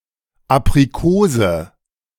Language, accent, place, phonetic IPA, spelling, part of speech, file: German, Germany, Berlin, [ˌap.ʁiˈkoː.zə], Aprikose, noun, De-Aprikose.ogg
- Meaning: apricot